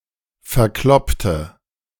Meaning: inflection of verkloppen: 1. first/third-person singular preterite 2. first/third-person singular subjunctive II
- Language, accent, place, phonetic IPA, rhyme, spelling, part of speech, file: German, Germany, Berlin, [fɛɐ̯ˈklɔptə], -ɔptə, verkloppte, adjective / verb, De-verkloppte.ogg